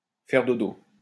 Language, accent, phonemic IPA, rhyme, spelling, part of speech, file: French, France, /fɛʁ do.do/, -o, faire dodo, verb, LL-Q150 (fra)-faire dodo.wav
- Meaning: to sleep, to go night-night